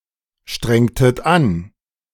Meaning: inflection of anstrengen: 1. second-person plural preterite 2. second-person plural subjunctive II
- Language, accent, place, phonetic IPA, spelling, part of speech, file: German, Germany, Berlin, [ˌʃtʁɛŋtət ˈan], strengtet an, verb, De-strengtet an.ogg